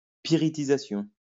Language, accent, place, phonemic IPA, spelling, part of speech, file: French, France, Lyon, /pi.ʁi.ti.za.sjɔ̃/, pyritisation, noun, LL-Q150 (fra)-pyritisation.wav
- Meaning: pyritization